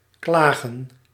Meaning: 1. to complain 2. to sue 3. to lament, mourn
- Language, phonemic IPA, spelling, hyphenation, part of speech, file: Dutch, /ˈklaːɣə(n)/, klagen, kla‧gen, verb, Nl-klagen.ogg